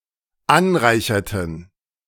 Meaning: inflection of anreichern: 1. first/third-person plural dependent preterite 2. first/third-person plural dependent subjunctive II
- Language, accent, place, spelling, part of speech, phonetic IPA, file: German, Germany, Berlin, anreicherten, verb, [ˈanˌʁaɪ̯çɐtn̩], De-anreicherten.ogg